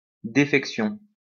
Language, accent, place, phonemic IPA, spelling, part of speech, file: French, France, Lyon, /de.fɛk.sjɔ̃/, défection, noun, LL-Q150 (fra)-défection.wav
- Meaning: defection